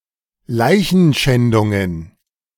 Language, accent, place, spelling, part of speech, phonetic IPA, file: German, Germany, Berlin, Leichenschändungen, noun, [ˈlaɪ̯çn̩ˌʃɛndʊŋən], De-Leichenschändungen.ogg
- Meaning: plural of Leichenschändung